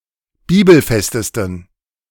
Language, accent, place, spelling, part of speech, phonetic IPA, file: German, Germany, Berlin, bibelfestesten, adjective, [ˈbiːbl̩ˌfɛstəstn̩], De-bibelfestesten.ogg
- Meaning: 1. superlative degree of bibelfest 2. inflection of bibelfest: strong genitive masculine/neuter singular superlative degree